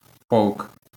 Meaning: regiment
- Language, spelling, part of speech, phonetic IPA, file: Ukrainian, полк, noun, [pɔɫk], LL-Q8798 (ukr)-полк.wav